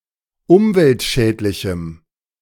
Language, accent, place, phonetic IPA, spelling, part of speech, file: German, Germany, Berlin, [ˈʊmvɛltˌʃɛːtlɪçm̩], umweltschädlichem, adjective, De-umweltschädlichem.ogg
- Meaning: strong dative masculine/neuter singular of umweltschädlich